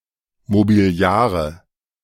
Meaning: nominative/accusative/genitive plural of Mobiliar
- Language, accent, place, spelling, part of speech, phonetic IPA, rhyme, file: German, Germany, Berlin, Mobiliare, noun, [mobiˈli̯aːʁə], -aːʁə, De-Mobiliare.ogg